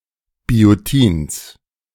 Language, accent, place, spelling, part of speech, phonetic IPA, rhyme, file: German, Germany, Berlin, Biotins, noun, [bioˈtiːns], -iːns, De-Biotins.ogg
- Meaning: genitive singular of Biotin